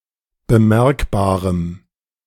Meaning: strong dative masculine/neuter singular of bemerkbar
- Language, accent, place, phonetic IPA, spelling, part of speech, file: German, Germany, Berlin, [bəˈmɛʁkbaːʁəm], bemerkbarem, adjective, De-bemerkbarem.ogg